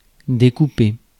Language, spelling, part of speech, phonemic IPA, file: French, découper, verb, /de.ku.pe/, Fr-découper.ogg
- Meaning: 1. to cut up, to chop up 2. to cut out (to remove by cutting) 3. to zone, to divide up (into areas) 4. to cast shadow (against a background), to silhouette